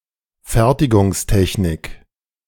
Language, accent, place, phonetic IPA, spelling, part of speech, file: German, Germany, Berlin, [ˈfɛʁtɪɡʊŋsˌtɛçnɪk], Fertigungstechnik, noun, De-Fertigungstechnik.ogg
- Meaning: manufacturing technology / engineering